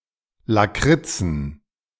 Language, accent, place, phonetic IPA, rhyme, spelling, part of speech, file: German, Germany, Berlin, [ˌlaˈkʁɪt͡sn̩], -ɪt͡sn̩, Lakritzen, noun, De-Lakritzen.ogg
- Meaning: plural of Lakritze